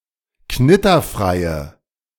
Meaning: inflection of knitterfrei: 1. strong/mixed nominative/accusative feminine singular 2. strong nominative/accusative plural 3. weak nominative all-gender singular
- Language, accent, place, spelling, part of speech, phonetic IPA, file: German, Germany, Berlin, knitterfreie, adjective, [ˈknɪtɐˌfʁaɪ̯ə], De-knitterfreie.ogg